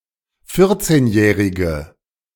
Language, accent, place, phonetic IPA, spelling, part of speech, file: German, Germany, Berlin, [ˈfɪʁt͡seːnˌjɛːʁɪɡə], vierzehnjährige, adjective, De-vierzehnjährige.ogg
- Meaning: inflection of vierzehnjährig: 1. strong/mixed nominative/accusative feminine singular 2. strong nominative/accusative plural 3. weak nominative all-gender singular